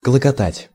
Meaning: 1. to bubble, to boil 2. to boil
- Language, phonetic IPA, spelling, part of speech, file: Russian, [kɫəkɐˈtatʲ], клокотать, verb, Ru-клокотать.ogg